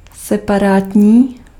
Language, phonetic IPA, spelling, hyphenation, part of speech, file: Czech, [ˈsɛparaːtɲiː], separátní, se‧pa‧rát‧ní, adjective, Cs-separátní.ogg
- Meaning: separate